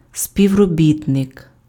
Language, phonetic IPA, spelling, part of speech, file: Ukrainian, [sʲpʲiu̯roˈbʲitnek], співробітник, noun, Uk-співробітник.ogg
- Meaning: 1. collaborator, coworker, colleague 2. employee, official, worker (person employed in a specific institution)